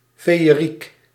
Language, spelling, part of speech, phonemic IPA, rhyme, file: Dutch, feeëriek, adjective, /ˌfeː.əˈrik/, -ik, Nl-feeëriek.ogg
- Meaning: wonderful, charming, magical, fairy-talelike